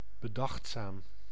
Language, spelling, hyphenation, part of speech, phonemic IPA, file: Dutch, bedachtzaam, be‧dacht‧zaam, adjective, /bəˈdɑxt.saːm/, Nl-bedachtzaam.ogg
- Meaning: 1. thoughtful, pensive 2. thoughtful, careful